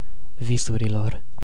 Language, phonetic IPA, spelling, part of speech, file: Romanian, [ˈvi.su.ri.lor], visurilor, noun, Ro-visurilor.ogg
- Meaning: inflection of vis: 1. definite genitive/dative plural 2. vocative plural